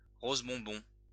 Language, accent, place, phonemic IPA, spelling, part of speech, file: French, France, Lyon, /ʁoz bɔ̃.bɔ̃/, rose bonbon, adjective, LL-Q150 (fra)-rose bonbon.wav
- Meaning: candy pink